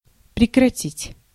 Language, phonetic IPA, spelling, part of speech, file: Russian, [prʲɪkrɐˈtʲitʲ], прекратить, verb, Ru-прекратить.ogg
- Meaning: to stop, to cease, to end, to discontinue